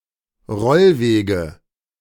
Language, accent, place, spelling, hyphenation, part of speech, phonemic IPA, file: German, Germany, Berlin, Rollwege, Roll‧we‧ge, noun, /ˈʁɔlˌveːɡə/, De-Rollwege.ogg
- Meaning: nominative genitive accusative plural of Rollweg